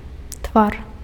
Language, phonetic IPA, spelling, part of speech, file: Belarusian, [tvar], твар, noun, Be-твар.ogg
- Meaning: face